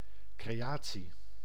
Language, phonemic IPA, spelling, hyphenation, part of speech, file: Dutch, /kreːˈjaː(t)si/, creatie, cre‧a‧tie, noun, Nl-creatie.ogg
- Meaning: 1. creation (act of creating, inventing, etc.) 2. creation, product (something created) 3. creation (universe)